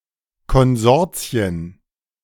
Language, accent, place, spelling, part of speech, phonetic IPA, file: German, Germany, Berlin, Konsortien, noun, [kɔnˈzɔʁt͡si̯ən], De-Konsortien.ogg
- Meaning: plural of Konsortium